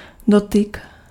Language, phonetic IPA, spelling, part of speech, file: Czech, [ˈdotɪk], dotyk, noun, Cs-dotyk.ogg
- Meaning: touch